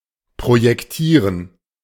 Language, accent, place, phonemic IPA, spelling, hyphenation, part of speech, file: German, Germany, Berlin, /pʁojɛkˈtiːʁən/, projektieren, pro‧jek‧tie‧ren, verb, De-projektieren.ogg
- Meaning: to plan